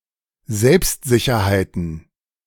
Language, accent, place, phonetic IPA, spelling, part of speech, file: German, Germany, Berlin, [ˈzɛlpstzɪçɐhaɪ̯tn̩], Selbstsicherheiten, noun, De-Selbstsicherheiten.ogg
- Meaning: plural of Selbstsicherheit